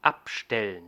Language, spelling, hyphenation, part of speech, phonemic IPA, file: German, abstellen, ab‧stel‧len, verb, /ˈapʃtɛlən/, De-abstellen.ogg
- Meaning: to put down, to set down: 1. to place, to leave 2. to put away 3. to park, to leave 4. to put away from; to place to oneside